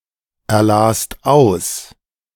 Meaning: second-person singular/plural preterite of auserlesen
- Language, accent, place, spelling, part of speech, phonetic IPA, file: German, Germany, Berlin, erlast aus, verb, [ɛɐ̯ˌlaːst ˈaʊ̯s], De-erlast aus.ogg